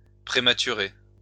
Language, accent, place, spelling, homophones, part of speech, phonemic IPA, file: French, France, Lyon, prématurer, prématuré, verb, /pʁe.ma.ty.ʁe/, LL-Q150 (fra)-prématurer.wav
- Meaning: to do (something) prematurely